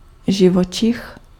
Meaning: animal
- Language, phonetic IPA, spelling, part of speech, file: Czech, [ˈʒɪvot͡ʃɪx], živočich, noun, Cs-živočich.ogg